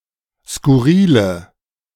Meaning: inflection of skurril: 1. strong/mixed nominative/accusative feminine singular 2. strong nominative/accusative plural 3. weak nominative all-gender singular 4. weak accusative feminine/neuter singular
- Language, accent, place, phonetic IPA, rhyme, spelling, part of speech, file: German, Germany, Berlin, [skʊˈʁiːlə], -iːlə, skurrile, adjective, De-skurrile.ogg